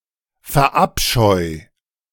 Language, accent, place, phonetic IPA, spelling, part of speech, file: German, Germany, Berlin, [fɛɐ̯ˈʔapʃɔɪ̯], verabscheu, verb, De-verabscheu.ogg
- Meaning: 1. singular imperative of verabscheuen 2. first-person singular present of verabscheuen